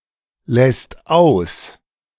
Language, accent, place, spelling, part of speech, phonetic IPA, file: German, Germany, Berlin, lässt aus, verb, [lɛst ˈaʊ̯s], De-lässt aus.ogg
- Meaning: second/third-person singular present of auslassen